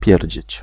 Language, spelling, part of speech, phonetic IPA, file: Polish, pierdzieć, verb, [ˈpʲjɛrʲd͡ʑɛ̇t͡ɕ], Pl-pierdzieć.ogg